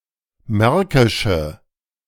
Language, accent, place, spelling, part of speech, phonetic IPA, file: German, Germany, Berlin, märkische, adjective, [ˈmɛʁkɪʃə], De-märkische.ogg
- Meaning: inflection of märkisch: 1. strong/mixed nominative/accusative feminine singular 2. strong nominative/accusative plural 3. weak nominative all-gender singular